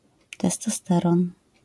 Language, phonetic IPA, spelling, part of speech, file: Polish, [ˌtɛstɔˈstɛrɔ̃n], testosteron, noun, LL-Q809 (pol)-testosteron.wav